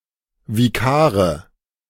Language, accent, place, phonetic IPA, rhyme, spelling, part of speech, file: German, Germany, Berlin, [viˈkaːʁə], -aːʁə, Vikare, noun, De-Vikare.ogg
- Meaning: nominative/accusative/genitive plural of Vikar